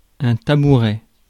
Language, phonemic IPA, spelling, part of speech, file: French, /ta.bu.ʁɛ/, tabouret, noun, Fr-tabouret.ogg
- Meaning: 1. stool 2. footstool